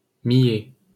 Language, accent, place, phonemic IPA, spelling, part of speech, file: French, France, Paris, /mi.jɛ/, millet, noun, LL-Q150 (fra)-millet.wav
- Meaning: millet (grain)